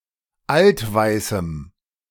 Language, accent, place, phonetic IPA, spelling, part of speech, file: German, Germany, Berlin, [ˈaltˌvaɪ̯sm̩], altweißem, adjective, De-altweißem.ogg
- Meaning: strong dative masculine/neuter singular of altweiß